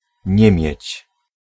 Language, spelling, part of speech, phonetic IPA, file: Polish, niemieć, verb, [ˈɲɛ̃mʲjɛ̇t͡ɕ], Pl-niemieć.ogg